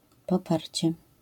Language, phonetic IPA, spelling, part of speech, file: Polish, [pɔˈparʲt͡ɕɛ], poparcie, noun, LL-Q809 (pol)-poparcie.wav